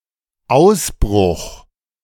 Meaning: 1. outbreak, beginning (of an epidemic, war, etc) 2. escape; breakout, breaking out (of prison, etc) 3. eruption 4. Ausbruch wine
- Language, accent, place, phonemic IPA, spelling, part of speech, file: German, Germany, Berlin, /ˈaʊ̯sˌbʁʊx/, Ausbruch, noun, De-Ausbruch.ogg